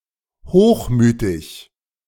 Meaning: haughty, superciliously, arrogant
- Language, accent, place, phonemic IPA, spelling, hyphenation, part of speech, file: German, Germany, Berlin, /ˈhoːχˌmyːtɪç/, hochmütig, hoch‧mü‧tig, adjective, De-hochmütig.ogg